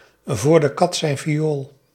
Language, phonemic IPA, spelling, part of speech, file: Dutch, /ˌvoːr də ˈkɑt zɛi̯n viˈoːl/, voor de kat zijn viool, prepositional phrase, Nl-voor de kat zijn viool.ogg
- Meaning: in vain